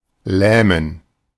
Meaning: to paralyze
- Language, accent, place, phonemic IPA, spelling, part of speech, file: German, Germany, Berlin, /ˈlɛːmən/, lähmen, verb, De-lähmen.ogg